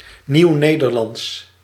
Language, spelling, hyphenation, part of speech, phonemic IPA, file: Dutch, Nieuwnederlands, Nieuw‧ne‧der‧lands, proper noun / adjective, /ˌniu̯ˈneː.dər.lɑnts/, Nl-Nieuwnederlands.ogg
- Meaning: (proper noun) Modern Dutch (stage of the Dutch language spoken in modern times, 1500 is a common threshold); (adjective) Modern Dutch